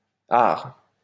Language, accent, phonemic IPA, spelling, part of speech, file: French, France, /aʁ/, -ard, suffix, LL-Q150 (fra)--ard.wav
- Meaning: forms pejoratives, diminutives, and nouns representing or belonging to a particular class or sort